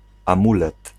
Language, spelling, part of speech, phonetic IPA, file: Polish, amulet, noun, [ãˈmulɛt], Pl-amulet.ogg